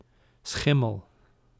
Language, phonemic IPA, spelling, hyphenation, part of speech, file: Dutch, /ˈsxɪ.məl/, schimmel, schim‧mel, noun, Nl-schimmel.ogg
- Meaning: 1. mould 2. fungus, any member of the kingdom Fungi 3. gray (lightly coloured horse with a pale base and darker marks)